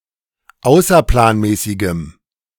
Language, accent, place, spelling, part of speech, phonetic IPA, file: German, Germany, Berlin, außerplanmäßigem, adjective, [ˈaʊ̯sɐplaːnˌmɛːsɪɡəm], De-außerplanmäßigem.ogg
- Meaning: strong dative masculine/neuter singular of außerplanmäßig